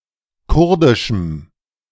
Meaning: strong dative masculine/neuter singular of kurdisch
- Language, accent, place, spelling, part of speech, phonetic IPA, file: German, Germany, Berlin, kurdischem, adjective, [ˈkʊʁdɪʃm̩], De-kurdischem.ogg